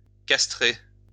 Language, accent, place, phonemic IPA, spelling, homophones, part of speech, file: French, France, Lyon, /kas.tʁe/, castrer, castrai / castré / castrée / castrées / castrés / castrez, verb, LL-Q150 (fra)-castrer.wav
- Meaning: to castrate, neuter (remove sex organs from an animal)